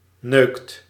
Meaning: inflection of neuken: 1. second/third-person singular present indicative 2. plural imperative
- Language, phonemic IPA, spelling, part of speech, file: Dutch, /nøːkt/, neukt, verb, Nl-neukt.ogg